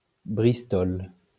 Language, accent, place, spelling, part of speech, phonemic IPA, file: French, France, Lyon, bristol, noun, /bʁis.tɔl/, LL-Q150 (fra)-bristol.wav
- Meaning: 1. Bristol board 2. visiting card